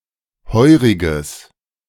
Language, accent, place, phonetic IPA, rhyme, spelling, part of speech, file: German, Germany, Berlin, [ˈhɔɪ̯ʁɪɡəs], -ɔɪ̯ʁɪɡəs, heuriges, adjective, De-heuriges.ogg
- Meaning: strong/mixed nominative/accusative neuter singular of heurig